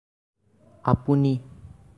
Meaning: 1. you (singular) 2. self
- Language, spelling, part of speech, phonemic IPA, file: Assamese, আপুনি, pronoun, /ɑ.pu.ni/, As-আপুনি.ogg